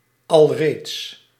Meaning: already
- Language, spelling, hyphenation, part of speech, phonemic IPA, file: Dutch, alreeds, al‧reeds, adverb, /ɑlˈreːts/, Nl-alreeds.ogg